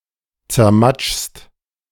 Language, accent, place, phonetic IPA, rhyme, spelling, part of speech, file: German, Germany, Berlin, [t͡sɛɐ̯ˈmat͡ʃst], -at͡ʃst, zermatschst, verb, De-zermatschst.ogg
- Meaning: second-person singular present of zermatschen